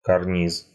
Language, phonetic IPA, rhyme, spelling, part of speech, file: Russian, [kɐrˈnʲis], -is, карниз, noun, Ru-карниз.ogg
- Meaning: 1. cornice 2. eaves 3. curtain rod